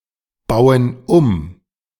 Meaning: inflection of umbauen: 1. first/third-person plural present 2. first/third-person plural subjunctive I
- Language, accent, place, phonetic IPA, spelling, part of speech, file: German, Germany, Berlin, [ˌbaʊ̯ən ˈum], bauen um, verb, De-bauen um.ogg